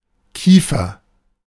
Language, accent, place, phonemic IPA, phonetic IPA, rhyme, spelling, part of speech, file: German, Germany, Berlin, /ˈkiːfɐ/, [ˈkʰiː.fɐ], -iːfɐ, Kiefer, noun, De-Kiefer.ogg
- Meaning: 1. pine (tree of genus Pinus) 2. jaw